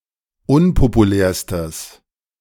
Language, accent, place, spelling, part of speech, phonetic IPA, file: German, Germany, Berlin, unpopulärstes, adjective, [ˈʊnpopuˌlɛːɐ̯stəs], De-unpopulärstes.ogg
- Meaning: strong/mixed nominative/accusative neuter singular superlative degree of unpopulär